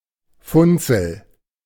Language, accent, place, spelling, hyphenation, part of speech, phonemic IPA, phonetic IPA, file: German, Germany, Berlin, Funzel, Fun‧zel, noun, /ˈfʊnt͡səl/, [ˈfʊnt͡sl̩], De-Funzel.ogg
- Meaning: 1. lamp 2. weak lamp